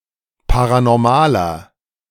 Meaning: inflection of paranormal: 1. strong/mixed nominative masculine singular 2. strong genitive/dative feminine singular 3. strong genitive plural
- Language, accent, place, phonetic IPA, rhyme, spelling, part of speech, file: German, Germany, Berlin, [ˌpaʁanɔʁˈmaːlɐ], -aːlɐ, paranormaler, adjective, De-paranormaler.ogg